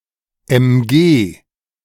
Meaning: initialism of Maschinengewehr (“machine gun”)
- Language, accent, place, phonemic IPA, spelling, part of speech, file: German, Germany, Berlin, /ɛmˈɡeː/, MG, noun, De-MG.ogg